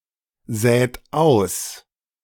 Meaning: inflection of aussäen: 1. second-person plural present 2. third-person singular present 3. plural imperative
- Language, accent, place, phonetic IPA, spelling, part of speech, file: German, Germany, Berlin, [ˌzɛːt ˈaʊ̯s], sät aus, verb, De-sät aus.ogg